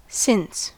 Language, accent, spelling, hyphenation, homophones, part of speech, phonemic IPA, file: English, US, since, since, cents / scents, adverb / preposition / conjunction, /sɪn(t)s/, En-us-since.ogg
- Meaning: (adverb) From a specified time in the past